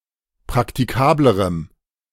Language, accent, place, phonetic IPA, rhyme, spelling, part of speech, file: German, Germany, Berlin, [pʁaktiˈkaːbləʁəm], -aːbləʁəm, praktikablerem, adjective, De-praktikablerem.ogg
- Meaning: strong dative masculine/neuter singular comparative degree of praktikabel